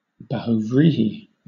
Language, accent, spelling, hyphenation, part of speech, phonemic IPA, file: English, Southern England, bahuvrihi, ba‧hu‧vri‧hi, noun, /bahuːˈvɹiːhi/, LL-Q1860 (eng)-bahuvrihi.wav
- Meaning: A type of nominal compound in which the first part modifies the second but neither part alone conveys the intended meaning